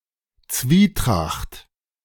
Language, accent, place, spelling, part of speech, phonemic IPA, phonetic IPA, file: German, Germany, Berlin, Zwietracht, noun, /ˈtsviːˌtʁaxt/, [ˈtsʋiːˌtʁaχt], De-Zwietracht.ogg
- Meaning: discord (dissension)